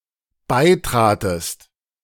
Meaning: second-person singular dependent preterite of beitreten
- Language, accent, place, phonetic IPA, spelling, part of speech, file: German, Germany, Berlin, [ˈbaɪ̯ˌtʁaːtəst], beitratest, verb, De-beitratest.ogg